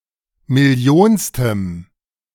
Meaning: strong dative masculine/neuter singular of millionste
- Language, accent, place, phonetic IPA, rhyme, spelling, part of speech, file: German, Germany, Berlin, [mɪˈli̯oːnstəm], -oːnstəm, millionstem, adjective, De-millionstem.ogg